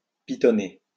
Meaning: to piton
- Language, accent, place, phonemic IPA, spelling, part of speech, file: French, France, Lyon, /pi.tɔ.ne/, pitonner, verb, LL-Q150 (fra)-pitonner.wav